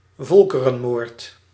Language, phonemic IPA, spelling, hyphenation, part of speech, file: Dutch, /ˈvɔl.kə.rə(n)ˌmoːrt/, volkerenmoord, vol‧ke‧ren‧moord, noun, Nl-volkerenmoord.ogg
- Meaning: genocide